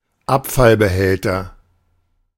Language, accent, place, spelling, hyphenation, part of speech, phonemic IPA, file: German, Germany, Berlin, Abfallbehälter, Ab‧fall‧be‧häl‧ter, noun, /ˈapfalbəˌhɛltɐ/, De-Abfallbehälter.ogg
- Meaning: waste receptacle, garbage can, refuse container